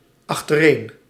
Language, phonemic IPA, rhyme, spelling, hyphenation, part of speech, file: Dutch, /ɑx.təˈreːn/, -eːn, achtereen, ach‧ter‧een, adverb, Nl-achtereen.ogg
- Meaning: in succession